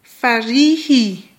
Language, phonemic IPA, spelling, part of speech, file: Malagasy, /faˈɾihi/, farihy, noun, Mg-farihy.ogg
- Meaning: lake